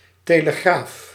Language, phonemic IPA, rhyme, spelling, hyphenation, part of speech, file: Dutch, /ˌteː.ləˈɣraːf/, -aːf, telegraaf, te‧le‧graaf, noun, Nl-telegraaf.ogg
- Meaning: telegraph